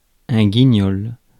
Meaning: the name of a puppet character
- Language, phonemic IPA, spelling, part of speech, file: French, /ɡi.ɲɔl/, Guignol, proper noun, Fr-guignol.ogg